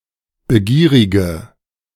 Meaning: inflection of begierig: 1. strong/mixed nominative/accusative feminine singular 2. strong nominative/accusative plural 3. weak nominative all-gender singular
- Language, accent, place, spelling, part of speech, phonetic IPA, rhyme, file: German, Germany, Berlin, begierige, adjective, [bəˈɡiːʁɪɡə], -iːʁɪɡə, De-begierige.ogg